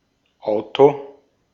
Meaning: car
- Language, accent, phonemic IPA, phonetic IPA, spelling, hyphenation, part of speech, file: German, Austria, /ˈaʊ̯to/, [ˈʔaʊ̯tʰoˑ], Auto, Au‧to, noun, De-at-Auto.ogg